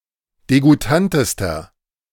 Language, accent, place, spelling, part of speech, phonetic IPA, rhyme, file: German, Germany, Berlin, degoutantester, adjective, [deɡuˈtantəstɐ], -antəstɐ, De-degoutantester.ogg
- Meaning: inflection of degoutant: 1. strong/mixed nominative masculine singular superlative degree 2. strong genitive/dative feminine singular superlative degree 3. strong genitive plural superlative degree